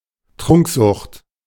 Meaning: drinking problem, alcoholism
- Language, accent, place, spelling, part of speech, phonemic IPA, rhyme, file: German, Germany, Berlin, Trunksucht, noun, /ˈtʁʊŋkˌzʊχt/, -ʊχt, De-Trunksucht.ogg